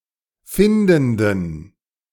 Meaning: inflection of findend: 1. strong genitive masculine/neuter singular 2. weak/mixed genitive/dative all-gender singular 3. strong/weak/mixed accusative masculine singular 4. strong dative plural
- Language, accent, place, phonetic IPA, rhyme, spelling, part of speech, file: German, Germany, Berlin, [ˈfɪndn̩dən], -ɪndn̩dən, findenden, adjective, De-findenden.ogg